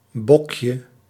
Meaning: 1. diminutive of bok 2. jacksnipe (Lymnocryptes minimus) 3. a cheap and low-quality cigar
- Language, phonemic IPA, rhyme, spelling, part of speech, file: Dutch, /ˈbɔk.jə/, -ɔkjə, bokje, noun, Nl-bokje.ogg